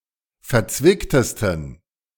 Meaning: 1. superlative degree of verzwickt 2. inflection of verzwickt: strong genitive masculine/neuter singular superlative degree
- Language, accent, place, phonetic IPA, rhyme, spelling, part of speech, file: German, Germany, Berlin, [fɛɐ̯ˈt͡svɪktəstn̩], -ɪktəstn̩, verzwicktesten, adjective, De-verzwicktesten.ogg